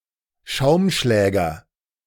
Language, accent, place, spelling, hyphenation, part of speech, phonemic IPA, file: German, Germany, Berlin, Schaumschläger, Schaum‧schlä‧ger, noun, /ˈʃaʊ̯mˌʃlɛːɡɐ/, De-Schaumschläger.ogg
- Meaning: 1. whisk (a kitchen utensil used for whipping) 2. showoff (a person given to egotistically attempting to demonstrate prowess or ability)